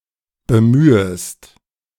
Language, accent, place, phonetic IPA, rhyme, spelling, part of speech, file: German, Germany, Berlin, [bəˈmyːəst], -yːəst, bemühest, verb, De-bemühest.ogg
- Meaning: second-person singular subjunctive I of bemühen